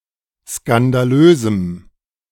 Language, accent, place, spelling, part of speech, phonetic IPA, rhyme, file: German, Germany, Berlin, skandalösem, adjective, [skandaˈløːzm̩], -øːzm̩, De-skandalösem.ogg
- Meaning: strong dative masculine/neuter singular of skandalös